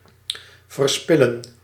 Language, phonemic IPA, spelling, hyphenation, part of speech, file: Dutch, /vərˈspɪ.lə(n)/, verspillen, ver‧spil‧len, verb, Nl-verspillen.ogg
- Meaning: to waste